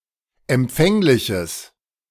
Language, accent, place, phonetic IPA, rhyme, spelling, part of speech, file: German, Germany, Berlin, [ɛmˈp͡fɛŋlɪçəs], -ɛŋlɪçəs, empfängliches, adjective, De-empfängliches.ogg
- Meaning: strong/mixed nominative/accusative neuter singular of empfänglich